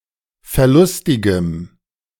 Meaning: strong dative masculine/neuter singular of verlustig
- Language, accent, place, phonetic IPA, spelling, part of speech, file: German, Germany, Berlin, [fɛɐ̯ˈlʊstɪɡəm], verlustigem, adjective, De-verlustigem.ogg